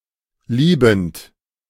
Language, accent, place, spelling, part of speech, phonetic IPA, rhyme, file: German, Germany, Berlin, liebend, verb, [ˈliːbn̩t], -iːbn̩t, De-liebend.ogg
- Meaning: present participle of lieben